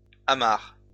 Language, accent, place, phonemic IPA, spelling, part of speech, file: French, France, Lyon, /a.maʁ/, amarres, noun / verb, LL-Q150 (fra)-amarres.wav
- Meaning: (noun) plural of amarre; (verb) second-person singular present indicative/subjunctive of amarrer